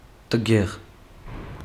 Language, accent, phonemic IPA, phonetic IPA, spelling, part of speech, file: Armenian, Eastern Armenian, /təˈɡeʁ/, [təɡéʁ], տգեղ, adjective / adverb, Hy-տգեղ.ogg
- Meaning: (adjective) ugly, unattractive; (adverb) 1. unprettily, unattractively 2. impolitely, improperly